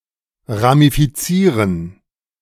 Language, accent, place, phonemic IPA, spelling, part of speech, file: German, Germany, Berlin, /ʁamifiˈtsiːʁən/, ramifizieren, verb, De-ramifizieren.ogg
- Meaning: to ramify (to divide into branches)